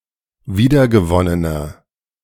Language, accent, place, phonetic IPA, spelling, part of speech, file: German, Germany, Berlin, [ˈviːdɐɡəˌvɔnənɐ], wiedergewonnener, adjective, De-wiedergewonnener.ogg
- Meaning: inflection of wiedergewonnen: 1. strong/mixed nominative masculine singular 2. strong genitive/dative feminine singular 3. strong genitive plural